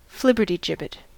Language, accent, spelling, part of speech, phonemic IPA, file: English, US, flibbertigibbet, noun, /ˈflɪbɚtiˌd͡ʒɪbɪt/, En-us-flibbertigibbet.ogg
- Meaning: 1. An offbeat, skittish person; especially said of a young woman 2. A flighty person; someone regarded as silly, irresponsible, or scatterbrained, especially someone who chatters or gossips